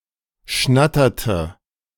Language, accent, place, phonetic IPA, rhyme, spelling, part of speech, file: German, Germany, Berlin, [ˈʃnatɐtə], -atɐtə, schnatterte, verb, De-schnatterte.ogg
- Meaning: inflection of schnattern: 1. first/third-person singular preterite 2. first/third-person singular subjunctive II